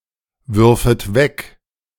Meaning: second-person plural subjunctive I of wegwerfen
- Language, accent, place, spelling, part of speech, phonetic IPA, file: German, Germany, Berlin, würfet weg, verb, [ˌvʏʁfət ˈvɛk], De-würfet weg.ogg